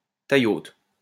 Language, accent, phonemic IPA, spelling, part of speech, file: French, France, /ta.jo/, taïaut, interjection, LL-Q150 (fra)-taïaut.wav
- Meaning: tallyho (cry used in deer hunting, especially to the hounds)